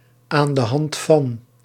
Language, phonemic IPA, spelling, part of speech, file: Dutch, /ˌaːn də ˈɦɑnt fɑn/, aan de hand van, preposition, Nl-aan de hand van.ogg
- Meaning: 1. by means of 2. based on 3. Used other than figuratively or idiomatically: see aan, de, hand, van